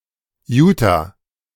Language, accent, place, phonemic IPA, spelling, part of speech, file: German, Germany, Berlin, /ˈjuːta/, Utah, proper noun, De-Utah.ogg
- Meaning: Utah (a state in the western United States)